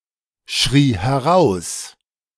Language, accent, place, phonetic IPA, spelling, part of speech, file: German, Germany, Berlin, [ˌʃʁiː hɛˈʁaʊ̯s], schrie heraus, verb, De-schrie heraus.ogg
- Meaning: first/third-person singular preterite of herausschreien